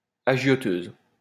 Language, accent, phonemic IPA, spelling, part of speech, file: French, France, /a.ʒjɔ.tøz/, agioteuse, noun, LL-Q150 (fra)-agioteuse.wav
- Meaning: female equivalent of agioteur